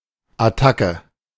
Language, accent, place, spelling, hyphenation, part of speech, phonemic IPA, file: German, Germany, Berlin, Attacke, At‧tack‧e, noun, /aˈtakə/, De-Attacke.ogg
- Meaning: attack